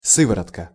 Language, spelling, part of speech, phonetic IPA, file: Russian, сыворотка, noun, [ˈsɨvərətkə], Ru-сыворотка.ogg
- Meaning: 1. whey 2. serum (blood serum)